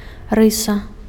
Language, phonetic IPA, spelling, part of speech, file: Belarusian, [ˈrɨsa], рыса, noun, Be-рыса.ogg
- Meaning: 1. trait, characteristic 2. stroke, line 3. strain